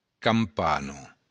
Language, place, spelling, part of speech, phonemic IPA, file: Occitan, Béarn, campana, noun, /kamˈpano/, LL-Q14185 (oci)-campana.wav
- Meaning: 1. bell 2. straw foxglove (Digitalis lutea L.)